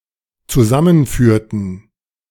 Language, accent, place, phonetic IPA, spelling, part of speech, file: German, Germany, Berlin, [t͡suˈzamənˌfyːɐ̯tn̩], zusammenführten, verb, De-zusammenführten.ogg
- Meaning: inflection of zusammenführen: 1. first/third-person plural dependent preterite 2. first/third-person plural dependent subjunctive II